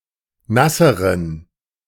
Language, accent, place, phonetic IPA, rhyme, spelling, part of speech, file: German, Germany, Berlin, [ˈnasəʁən], -asəʁən, nasseren, adjective, De-nasseren.ogg
- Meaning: inflection of nass: 1. strong genitive masculine/neuter singular comparative degree 2. weak/mixed genitive/dative all-gender singular comparative degree